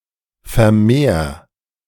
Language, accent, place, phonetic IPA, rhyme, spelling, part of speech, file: German, Germany, Berlin, [fɛɐ̯ˈmeːɐ̯], -eːɐ̯, vermehr, verb, De-vermehr.ogg
- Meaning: 1. singular imperative of vermehren 2. first-person singular present of vermehren